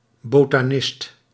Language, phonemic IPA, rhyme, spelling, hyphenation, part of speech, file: Dutch, /ˌboː.taːˈnɪst/, -ɪst, botanist, bo‧ta‧nist, noun, Nl-botanist.ogg
- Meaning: botanist